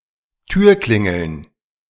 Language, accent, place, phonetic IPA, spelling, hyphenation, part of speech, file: German, Germany, Berlin, [ˈtyːɐ̯ˌklɪŋl̩n], Türklingeln, Tür‧klin‧geln, noun, De-Türklingeln.ogg
- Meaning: plural of Türklingel